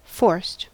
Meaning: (verb) simple past and past participle of force; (adjective) 1. Obtained forcefully, not naturally 2. Opened or accessed using force 3. Produced by strain; not spontaneous; insincere
- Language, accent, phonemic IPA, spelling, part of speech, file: English, US, /fɔɹst/, forced, verb / adjective, En-us-forced.ogg